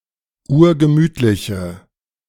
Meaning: inflection of urgemütlich: 1. strong/mixed nominative/accusative feminine singular 2. strong nominative/accusative plural 3. weak nominative all-gender singular
- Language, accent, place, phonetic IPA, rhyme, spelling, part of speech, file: German, Germany, Berlin, [ˈuːɐ̯ɡəˈmyːtlɪçə], -yːtlɪçə, urgemütliche, adjective, De-urgemütliche.ogg